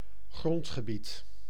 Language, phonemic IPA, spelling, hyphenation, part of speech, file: Dutch, /ˈɣrɔnt.xəˌbit/, grondgebied, grond‧ge‧bied, noun, Nl-grondgebied.ogg
- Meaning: territory (of a country, jurisdiction, etc.)